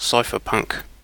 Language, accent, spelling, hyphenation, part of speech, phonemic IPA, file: English, UK, cypherpunk, cy‧pher‧punk, noun, /ˈsʌɪfəpʌŋk/, En-uk-cypherpunk.ogg
- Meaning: A person with an interest in encryption and privacy, especially one who uses encrypted email